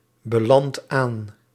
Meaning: inflection of aanbelanden: 1. second/third-person singular present indicative 2. plural imperative
- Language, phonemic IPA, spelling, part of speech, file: Dutch, /bəˈlɑnt ˈan/, belandt aan, verb, Nl-belandt aan.ogg